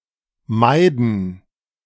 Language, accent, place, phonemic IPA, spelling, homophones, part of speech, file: German, Germany, Berlin, /ˈmaɪ̯dən/, Maiden, meiden, noun, De-Maiden.ogg
- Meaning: plural of Maid